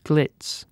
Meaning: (noun) Garish, brilliant showiness; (verb) To make glitzy
- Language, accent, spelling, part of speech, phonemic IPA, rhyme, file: English, UK, glitz, noun / verb, /ɡlɪts/, -ɪts, En-uk-glitz.ogg